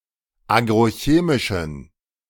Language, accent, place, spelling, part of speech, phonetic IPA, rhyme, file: German, Germany, Berlin, agrochemischen, adjective, [ˌaːɡʁoˈçeːmɪʃn̩], -eːmɪʃn̩, De-agrochemischen.ogg
- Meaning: inflection of agrochemisch: 1. strong genitive masculine/neuter singular 2. weak/mixed genitive/dative all-gender singular 3. strong/weak/mixed accusative masculine singular 4. strong dative plural